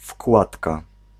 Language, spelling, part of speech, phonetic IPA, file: Polish, wkładka, noun, [ˈfkwatka], Pl-wkładka.ogg